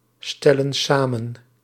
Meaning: inflection of samenstellen: 1. plural present indicative 2. plural present subjunctive
- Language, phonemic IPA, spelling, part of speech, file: Dutch, /ˈstɛlə(n) ˈsamə(n)/, stellen samen, verb, Nl-stellen samen.ogg